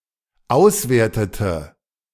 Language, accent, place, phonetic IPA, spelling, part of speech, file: German, Germany, Berlin, [ˈaʊ̯sˌveːɐ̯tətə], auswertete, verb, De-auswertete.ogg
- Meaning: inflection of auswerten: 1. first/third-person singular dependent preterite 2. first/third-person singular dependent subjunctive II